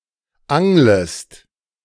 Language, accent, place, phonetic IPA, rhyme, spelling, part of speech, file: German, Germany, Berlin, [ˈaŋləst], -aŋləst, anglest, verb, De-anglest.ogg
- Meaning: second-person singular subjunctive I of angeln